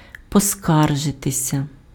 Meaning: 1. to complain 2. to make a complaint
- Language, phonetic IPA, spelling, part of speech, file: Ukrainian, [pɔˈskarʒetesʲɐ], поскаржитися, verb, Uk-поскаржитися.ogg